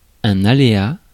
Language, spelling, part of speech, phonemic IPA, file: French, aléa, noun, /a.le.a/, Fr-aléa.ogg
- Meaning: 1. hazard 2. chance